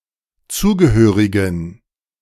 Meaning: inflection of zugehörig: 1. strong genitive masculine/neuter singular 2. weak/mixed genitive/dative all-gender singular 3. strong/weak/mixed accusative masculine singular 4. strong dative plural
- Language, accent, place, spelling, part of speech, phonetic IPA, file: German, Germany, Berlin, zugehörigen, adjective, [ˈt͡suːɡəˌhøːʁɪɡn̩], De-zugehörigen.ogg